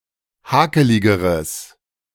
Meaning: strong/mixed nominative/accusative neuter singular comparative degree of hakelig
- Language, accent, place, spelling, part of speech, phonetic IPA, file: German, Germany, Berlin, hakeligeres, adjective, [ˈhaːkəlɪɡəʁəs], De-hakeligeres.ogg